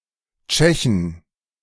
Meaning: inflection of Tscheche: 1. genitive/dative/accusative singular 2. plural
- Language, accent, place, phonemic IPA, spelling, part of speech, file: German, Germany, Berlin, /ˈt͡ʃɛçən/, Tschechen, noun, De-Tschechen.ogg